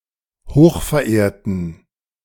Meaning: inflection of hochverehrt: 1. strong genitive masculine/neuter singular 2. weak/mixed genitive/dative all-gender singular 3. strong/weak/mixed accusative masculine singular 4. strong dative plural
- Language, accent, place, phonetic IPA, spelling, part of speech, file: German, Germany, Berlin, [ˈhoːxfɛɐ̯ˌʔeːɐ̯tn̩], hochverehrten, adjective, De-hochverehrten.ogg